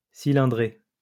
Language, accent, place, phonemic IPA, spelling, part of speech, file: French, France, Lyon, /si.lɛ̃.dʁe/, cylindrée, noun, LL-Q150 (fra)-cylindrée.wav
- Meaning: capacity, engine size